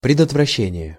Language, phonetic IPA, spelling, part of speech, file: Russian, [prʲɪdətvrɐˈɕːenʲɪjə], предотвращения, noun, Ru-предотвращения.ogg
- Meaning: inflection of предотвраще́ние (predotvraščénije): 1. genitive singular 2. nominative/accusative plural